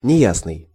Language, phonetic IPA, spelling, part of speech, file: Russian, [nʲɪˈjasnɨj], неясный, adjective, Ru-неясный.ogg
- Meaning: unclear (ambiguous; liable to more than one interpretation)